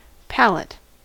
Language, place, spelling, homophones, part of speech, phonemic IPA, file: English, California, palate, pallet / palette / pallette, noun / verb, /ˈpæl.ət/, En-us-palate.ogg
- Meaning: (noun) The roof of the mouth, separating the cavities of the mouth and nose in vertebrates.: A part associated with the mouth of certain invertebrates, somewhat analogous to the palate of vertebrates